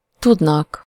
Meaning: third-person plural indicative present indefinite of tud
- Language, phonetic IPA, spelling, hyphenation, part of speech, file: Hungarian, [ˈtudnɒk], tudnak, tud‧nak, verb, Hu-tudnak.ogg